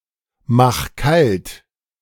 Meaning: 1. singular imperative of kaltmachen 2. first-person singular present of kaltmachen
- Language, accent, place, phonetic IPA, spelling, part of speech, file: German, Germany, Berlin, [ˌmax ˈkalt], mach kalt, verb, De-mach kalt.ogg